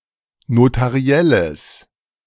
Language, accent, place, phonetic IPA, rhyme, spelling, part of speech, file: German, Germany, Berlin, [notaˈʁi̯ɛləs], -ɛləs, notarielles, adjective, De-notarielles.ogg
- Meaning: strong/mixed nominative/accusative neuter singular of notariell